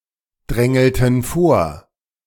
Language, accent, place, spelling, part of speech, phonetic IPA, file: German, Germany, Berlin, drängelten vor, verb, [ˌdʁɛŋl̩tn̩ ˈfoːɐ̯], De-drängelten vor.ogg
- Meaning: inflection of vordrängeln: 1. first/third-person plural preterite 2. first/third-person plural subjunctive II